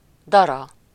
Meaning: 1. grits (hulled and coarsely ground grain) 2. sleet, ice pellets
- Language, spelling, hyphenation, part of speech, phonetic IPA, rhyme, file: Hungarian, dara, da‧ra, noun, [ˈdɒrɒ], -rɒ, Hu-dara.ogg